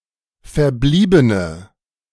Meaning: inflection of verblieben: 1. strong/mixed nominative/accusative feminine singular 2. strong nominative/accusative plural 3. weak nominative all-gender singular
- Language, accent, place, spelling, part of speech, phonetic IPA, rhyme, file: German, Germany, Berlin, verbliebene, adjective, [fɛɐ̯ˈbliːbənə], -iːbənə, De-verbliebene.ogg